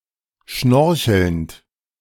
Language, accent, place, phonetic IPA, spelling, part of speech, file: German, Germany, Berlin, [ˈʃnɔʁçl̩nt], schnorchelnd, verb, De-schnorchelnd.ogg
- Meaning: present participle of schnorcheln